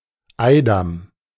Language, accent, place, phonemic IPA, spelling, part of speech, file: German, Germany, Berlin, /ˈaɪ̯dam/, Eidam, noun, De-Eidam.ogg
- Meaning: son-in-law